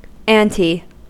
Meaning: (preposition) Synonym of before, earlier in time, particularly used in historical dating; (noun) A price or cost, as in up the ante
- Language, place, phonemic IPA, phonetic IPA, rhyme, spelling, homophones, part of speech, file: English, California, /ˈænti/, [ˈɛənti], -ænti, ante, anti / anty, preposition / noun / verb, En-us-ante.ogg